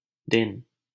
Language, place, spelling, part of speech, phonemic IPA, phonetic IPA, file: Hindi, Delhi, दिन, noun, /d̪ɪn/, [d̪ɪ̃n], LL-Q1568 (hin)-दिन.wav
- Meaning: 1. day (period from one midnight to the next) 2. day (any period of twenty-four hours) 3. day, daytime (period between sunrise and sunset) 4. time